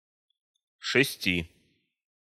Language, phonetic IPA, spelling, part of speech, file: Russian, [ʂɨˈsʲtʲi], шести, numeral, Ru-шести.ogg
- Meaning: singular genitive/dative/prepositional of шесть (šestʹ)